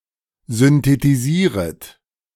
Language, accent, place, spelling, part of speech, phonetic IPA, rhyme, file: German, Germany, Berlin, synthetisieret, verb, [zʏntetiˈziːʁət], -iːʁət, De-synthetisieret.ogg
- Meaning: second-person plural subjunctive I of synthetisieren